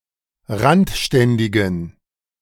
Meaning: inflection of randständig: 1. strong genitive masculine/neuter singular 2. weak/mixed genitive/dative all-gender singular 3. strong/weak/mixed accusative masculine singular 4. strong dative plural
- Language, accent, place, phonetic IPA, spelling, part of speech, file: German, Germany, Berlin, [ˈʁantˌʃtɛndɪɡn̩], randständigen, adjective, De-randständigen.ogg